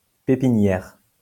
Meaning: 1. nursery (for trees) 2. breeding ground
- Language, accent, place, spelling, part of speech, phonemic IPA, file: French, France, Lyon, pépinière, noun, /pe.pi.njɛʁ/, LL-Q150 (fra)-pépinière.wav